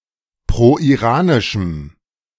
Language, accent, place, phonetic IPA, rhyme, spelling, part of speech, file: German, Germany, Berlin, [pʁoʔiˈʁaːnɪʃm̩], -aːnɪʃm̩, proiranischem, adjective, De-proiranischem.ogg
- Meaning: strong dative masculine/neuter singular of proiranisch